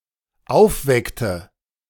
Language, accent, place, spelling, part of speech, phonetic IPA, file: German, Germany, Berlin, aufweckte, verb, [ˈaʊ̯fˌvɛktə], De-aufweckte.ogg
- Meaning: inflection of aufwecken: 1. first/third-person singular dependent preterite 2. first/third-person singular dependent subjunctive II